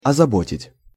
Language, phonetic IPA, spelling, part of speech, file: Russian, [ɐzɐˈbotʲɪtʲ], озаботить, verb, Ru-озаботить.ogg
- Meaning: 1. to cause anxiety, to disquiet, to worry 2. to add someone (more trouble, work, responsibilities, etc.)